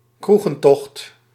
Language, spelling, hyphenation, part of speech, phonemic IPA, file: Dutch, kroegentocht, kroe‧gen‧tocht, noun, /ˈkru.ɣə(n)ˌtɔxt/, Nl-kroegentocht.ogg
- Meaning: pub crawl